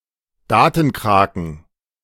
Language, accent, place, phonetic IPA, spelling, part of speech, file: German, Germany, Berlin, [ˈdaːtn̩ˌkʁaːkn̩], Datenkraken, noun, De-Datenkraken.ogg
- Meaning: plural of Datenkrake